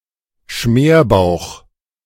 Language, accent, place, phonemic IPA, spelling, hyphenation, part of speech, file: German, Germany, Berlin, /ˈʃmeːrˌbaʊ̯x/, Schmerbauch, Schmer‧bauch, noun, De-Schmerbauch.ogg
- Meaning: potbelly